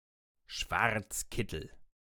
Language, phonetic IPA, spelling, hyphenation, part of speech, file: German, [ˈʃvaʁt͡sˌkɪtl̩], Schwarzkittel, Schwarz‧kit‧tel, noun, De-Schwarzkittel.ogg
- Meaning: 1. wild boar 2. catholic priest 3. referee